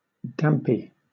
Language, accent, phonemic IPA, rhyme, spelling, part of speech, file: English, Southern England, /ˈdæmpi/, -æmpi, dampy, adjective, LL-Q1860 (eng)-dampy.wav
- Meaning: 1. Somewhat damp 2. Dejected; gloomy; sorrowful